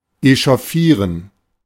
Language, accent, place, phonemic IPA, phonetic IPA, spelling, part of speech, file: German, Germany, Berlin, /eʃoˈfiːʁən/, [ʔeʃoˈfiːɐ̯n], echauffieren, verb, De-echauffieren.ogg
- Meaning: to get steamed, upset, worked up, het up